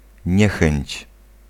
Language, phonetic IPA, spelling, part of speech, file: Polish, [ˈɲɛxɛ̃ɲt͡ɕ], niechęć, noun, Pl-niechęć.ogg